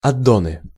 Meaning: nominative/accusative plural of аддо́н (addón)
- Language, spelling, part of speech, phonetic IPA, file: Russian, аддоны, noun, [ɐˈdonɨ], Ru-аддоны.ogg